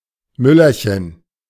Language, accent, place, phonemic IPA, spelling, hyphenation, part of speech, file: German, Germany, Berlin, /ˈmʏlɐçən/, Müllerchen, Mül‧ler‧chen, noun, De-Müllerchen.ogg
- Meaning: diminutive of Müller